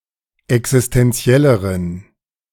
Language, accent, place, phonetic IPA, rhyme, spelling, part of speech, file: German, Germany, Berlin, [ɛksɪstɛnˈt͡si̯ɛləʁən], -ɛləʁən, existenzielleren, adjective, De-existenzielleren.ogg
- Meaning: inflection of existenziell: 1. strong genitive masculine/neuter singular comparative degree 2. weak/mixed genitive/dative all-gender singular comparative degree